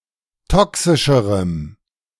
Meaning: strong dative masculine/neuter singular comparative degree of toxisch
- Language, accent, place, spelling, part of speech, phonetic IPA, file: German, Germany, Berlin, toxischerem, adjective, [ˈtɔksɪʃəʁəm], De-toxischerem.ogg